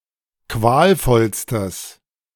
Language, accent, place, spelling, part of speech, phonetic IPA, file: German, Germany, Berlin, qualvollstes, adjective, [ˈkvaːlˌfɔlstəs], De-qualvollstes.ogg
- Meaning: strong/mixed nominative/accusative neuter singular superlative degree of qualvoll